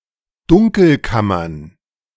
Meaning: plural of Dunkelkammer
- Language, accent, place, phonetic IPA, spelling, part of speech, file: German, Germany, Berlin, [ˈdʊŋkl̩ˌkamɐn], Dunkelkammern, noun, De-Dunkelkammern.ogg